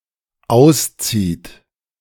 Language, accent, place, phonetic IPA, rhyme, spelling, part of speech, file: German, Germany, Berlin, [ˈaʊ̯sˌt͡siːt], -aʊ̯st͡siːt, auszieht, verb, De-auszieht.ogg
- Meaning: inflection of ausziehen: 1. third-person singular dependent present 2. second-person plural dependent present